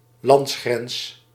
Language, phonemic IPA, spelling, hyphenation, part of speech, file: Dutch, /ˈlɑnts.xrɛns/, landsgrens, lands‧grens, noun, Nl-landsgrens.ogg
- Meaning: a national border, a border of a country